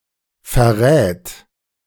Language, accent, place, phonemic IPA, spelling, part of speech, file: German, Germany, Berlin, /fɛʁˈʁɛːt/, verrät, verb, De-verrät.ogg
- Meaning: third-person singular present of verraten